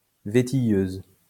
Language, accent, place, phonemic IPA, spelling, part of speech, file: French, France, Lyon, /ve.ti.jøz/, vétilleuse, adjective, LL-Q150 (fra)-vétilleuse.wav
- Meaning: feminine singular of vétilleux